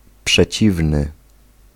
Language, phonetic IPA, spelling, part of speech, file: Polish, [pʃɛˈt͡ɕivnɨ], przeciwny, adjective, Pl-przeciwny.ogg